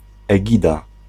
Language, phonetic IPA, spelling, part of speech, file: Polish, [ɛˈɟida], egida, noun, Pl-egida.ogg